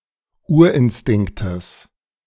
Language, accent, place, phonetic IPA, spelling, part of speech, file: German, Germany, Berlin, [ˈuːɐ̯ʔɪnˌstɪŋktəs], Urinstinktes, noun, De-Urinstinktes.ogg
- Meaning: genitive of Urinstinkt